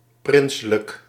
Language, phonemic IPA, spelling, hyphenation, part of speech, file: Dutch, /ˈprɪn.sə.lək/, prinselijk, prin‧se‧lijk, adjective, Nl-prinselijk.ogg
- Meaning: princely